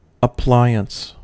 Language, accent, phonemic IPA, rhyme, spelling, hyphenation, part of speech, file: English, US, /əˈplaɪ.əns/, -aɪəns, appliance, ap‧pli‧ance, noun, En-us-appliance.ogg
- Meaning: An implement, an instrument or apparatus designed (or at least used) as a means to a specific end, especially